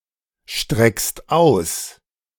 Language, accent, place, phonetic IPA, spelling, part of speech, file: German, Germany, Berlin, [ˌʃtʁɛkst ˈaʊ̯s], streckst aus, verb, De-streckst aus.ogg
- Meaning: second-person singular present of ausstrecken